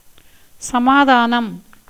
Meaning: 1. peace, tranquility, equanimity 2. reconciliation, compromise 3. consent, agreement 4. answer to an objection, explanation 5. stoicism, indifference to pain or pleasure
- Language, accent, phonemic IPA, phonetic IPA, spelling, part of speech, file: Tamil, India, /tʃɐmɑːd̪ɑːnɐm/, [sɐmäːd̪äːnɐm], சமாதானம், noun, Ta-சமாதானம்.ogg